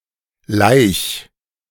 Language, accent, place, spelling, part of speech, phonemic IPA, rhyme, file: German, Germany, Berlin, Laich, noun, /laɪ̯ç/, -aɪ̯ç, De-Laich.ogg
- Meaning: spawn (eggs laid in the water by aquatic organisms)